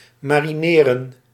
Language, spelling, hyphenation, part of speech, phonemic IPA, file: Dutch, marineren, ma‧ri‧ne‧ren, verb, /ˌmaː.riˈneː.rə(n)/, Nl-marineren.ogg
- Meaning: to marinate